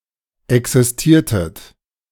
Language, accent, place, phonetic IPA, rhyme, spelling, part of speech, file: German, Germany, Berlin, [ˌɛksɪsˈtiːɐ̯tət], -iːɐ̯tət, existiertet, verb, De-existiertet.ogg
- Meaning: inflection of existieren: 1. second-person plural preterite 2. second-person plural subjunctive II